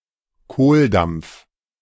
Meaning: ravenous hunger
- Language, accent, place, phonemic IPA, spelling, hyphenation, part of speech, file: German, Germany, Berlin, /ˈkoːlˌdamp͡f/, Kohldampf, Kohldampf, noun, De-Kohldampf.ogg